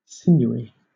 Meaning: 1. Tough; having strong sinews 2. Having or showing nervous strength 3. Possessing physical strength and weight; rugged and powerful
- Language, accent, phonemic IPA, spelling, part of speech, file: English, Southern England, /ˈsɪnjuːi/, sinewy, adjective, LL-Q1860 (eng)-sinewy.wav